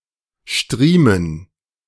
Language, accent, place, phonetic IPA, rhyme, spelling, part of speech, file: German, Germany, Berlin, [ˈʃtʁiːmən], -iːmən, Striemen, noun, De-Striemen.ogg
- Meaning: 1. stripe, weal, wale, a linear pattern on skin, as resulting from a violent lash 2. a lashing stroke, hard enough to mark a stripe